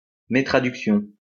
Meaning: Translation error, mistranslation
- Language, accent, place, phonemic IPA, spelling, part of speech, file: French, France, Lyon, /me.tʁa.dyk.sjɔ̃/, métraduction, noun, LL-Q150 (fra)-métraduction.wav